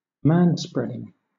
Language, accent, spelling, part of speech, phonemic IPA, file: English, Southern England, manspreading, noun / verb, /ˈmænˌspɹɛdɪŋ/, LL-Q1860 (eng)-manspreading.wav
- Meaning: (noun) The practice of men splaying their legs open wide when sitting on public transport, thus occupying more than one seat; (verb) present participle and gerund of manspread